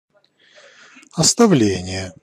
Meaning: abandonment, reservation, dereliction
- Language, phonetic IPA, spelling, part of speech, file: Russian, [ɐstɐˈvlʲenʲɪje], оставление, noun, Ru-оставление.ogg